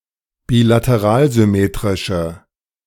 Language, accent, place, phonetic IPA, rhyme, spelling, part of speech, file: German, Germany, Berlin, [biːlatəˈʁaːlzʏˌmeːtʁɪʃə], -aːlzʏmeːtʁɪʃə, bilateralsymmetrische, adjective, De-bilateralsymmetrische.ogg
- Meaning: inflection of bilateralsymmetrisch: 1. strong/mixed nominative/accusative feminine singular 2. strong nominative/accusative plural 3. weak nominative all-gender singular